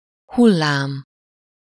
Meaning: 1. wave (moving disturbance in the level of a body of liquid) 2. wave (moving disturbance in the energy level of a field) 3. wave (shape that alternatingly curves in opposite directions)
- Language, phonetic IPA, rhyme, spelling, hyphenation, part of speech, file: Hungarian, [ˈhulːaːm], -aːm, hullám, hul‧lám, noun, Hu-hullám.ogg